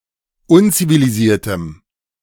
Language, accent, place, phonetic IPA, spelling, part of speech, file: German, Germany, Berlin, [ˈʊnt͡siviliˌziːɐ̯təm], unzivilisiertem, adjective, De-unzivilisiertem.ogg
- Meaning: strong dative masculine/neuter singular of unzivilisiert